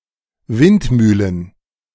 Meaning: plural of Windmühle
- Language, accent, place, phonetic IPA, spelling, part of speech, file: German, Germany, Berlin, [ˈvɪntˌmyːlən], Windmühlen, noun, De-Windmühlen.ogg